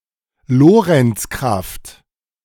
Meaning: Lorentz force (force)
- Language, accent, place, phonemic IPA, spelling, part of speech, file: German, Germany, Berlin, /ˈloːʁəntsˌkʁaft/, Lorentz-Kraft, noun, De-Lorentz-Kraft.ogg